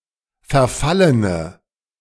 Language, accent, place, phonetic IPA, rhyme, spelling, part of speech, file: German, Germany, Berlin, [fɛɐ̯ˈfalənə], -alənə, verfallene, adjective, De-verfallene.ogg
- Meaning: inflection of verfallen: 1. strong/mixed nominative/accusative feminine singular 2. strong nominative/accusative plural 3. weak nominative all-gender singular